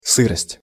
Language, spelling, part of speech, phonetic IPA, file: Russian, сырость, noun, [ˈsɨrəsʲtʲ], Ru-сырость.ogg
- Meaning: dampness; moisture